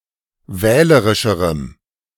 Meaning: strong dative masculine/neuter singular comparative degree of wählerisch
- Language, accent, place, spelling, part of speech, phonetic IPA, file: German, Germany, Berlin, wählerischerem, adjective, [ˈvɛːləʁɪʃəʁəm], De-wählerischerem.ogg